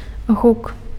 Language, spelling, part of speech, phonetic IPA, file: Belarusian, гук, noun, [ɣuk], Be-гук.ogg
- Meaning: sound